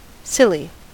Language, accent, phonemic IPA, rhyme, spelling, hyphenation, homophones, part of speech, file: English, General American, /ˈsɪl.i/, -ɪli, silly, sil‧ly, Silly / Scilly, adjective / adverb / noun, En-us-silly.ogg
- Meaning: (adjective) 1. Laughable or amusing through foolishness or a foolish appearance 2. Laughable or amusing through foolishness or a foolish appearance.: Absurdly large 3. Blessed: Good; pious